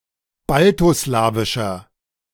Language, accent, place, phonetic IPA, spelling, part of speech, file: German, Germany, Berlin, [ˈbaltoˌslaːvɪʃɐ], baltoslawischer, adjective, De-baltoslawischer.ogg
- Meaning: inflection of baltoslawisch: 1. strong/mixed nominative masculine singular 2. strong genitive/dative feminine singular 3. strong genitive plural